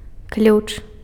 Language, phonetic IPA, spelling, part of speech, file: Belarusian, [klʲut͡ʂ], ключ, noun, Be-ключ.ogg
- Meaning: 1. key 2. wrench, spanner, screw wrench 3. clue, key 4. clef, key 5. radical (in Chinese characters)